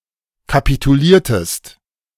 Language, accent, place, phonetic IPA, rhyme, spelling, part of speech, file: German, Germany, Berlin, [kapituˈliːɐ̯təst], -iːɐ̯təst, kapituliertest, verb, De-kapituliertest.ogg
- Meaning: inflection of kapitulieren: 1. second-person singular preterite 2. second-person singular subjunctive II